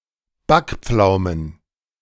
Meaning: plural of Backpflaume
- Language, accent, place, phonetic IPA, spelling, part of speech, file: German, Germany, Berlin, [ˈbakˌp͡flaʊ̯mən], Backpflaumen, noun, De-Backpflaumen.ogg